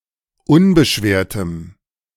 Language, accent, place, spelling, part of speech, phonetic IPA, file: German, Germany, Berlin, unbeschwertem, adjective, [ˈʊnbəˌʃveːɐ̯təm], De-unbeschwertem.ogg
- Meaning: strong dative masculine/neuter singular of unbeschwert